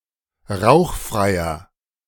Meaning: inflection of rauchfrei: 1. strong/mixed nominative masculine singular 2. strong genitive/dative feminine singular 3. strong genitive plural
- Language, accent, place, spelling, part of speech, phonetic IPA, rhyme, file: German, Germany, Berlin, rauchfreier, adjective, [ˈʁaʊ̯xˌfʁaɪ̯ɐ], -aʊ̯xfʁaɪ̯ɐ, De-rauchfreier.ogg